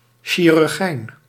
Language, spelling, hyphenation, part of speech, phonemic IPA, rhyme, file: Dutch, chirurgijn, chi‧rur‧gijn, noun, /ˌʃi.rʏrˈɣɛi̯n/, -ɛi̯n, Nl-chirurgijn.ogg
- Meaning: a barber surgeon